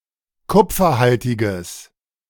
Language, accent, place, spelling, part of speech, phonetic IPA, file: German, Germany, Berlin, kupferhaltiges, adjective, [ˈkʊp͡fɐˌhaltɪɡəs], De-kupferhaltiges.ogg
- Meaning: strong/mixed nominative/accusative neuter singular of kupferhaltig